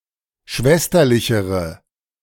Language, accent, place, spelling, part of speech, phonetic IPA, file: German, Germany, Berlin, schwesterlichere, adjective, [ˈʃvɛstɐlɪçəʁə], De-schwesterlichere.ogg
- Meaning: inflection of schwesterlich: 1. strong/mixed nominative/accusative feminine singular comparative degree 2. strong nominative/accusative plural comparative degree